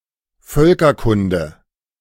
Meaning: ethnology (branch of anthropology)
- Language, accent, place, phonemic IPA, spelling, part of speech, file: German, Germany, Berlin, /ˈfœlkɐkʊndə/, Völkerkunde, noun, De-Völkerkunde.ogg